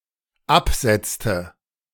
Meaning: inflection of absetzen: 1. first/third-person singular dependent preterite 2. first/third-person singular dependent subjunctive II
- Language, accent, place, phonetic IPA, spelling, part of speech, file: German, Germany, Berlin, [ˈapˌz̥ɛt͡stə], absetzte, verb, De-absetzte.ogg